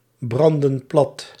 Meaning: inflection of platbranden: 1. plural past indicative 2. plural past subjunctive
- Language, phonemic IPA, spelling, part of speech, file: Dutch, /ˈbrɑndə(n) ˈplɑt/, brandden plat, verb, Nl-brandden plat.ogg